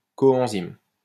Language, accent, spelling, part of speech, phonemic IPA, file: French, France, coenzyme, noun, /kɔ.ɑ̃.zim/, LL-Q150 (fra)-coenzyme.wav
- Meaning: coenzyme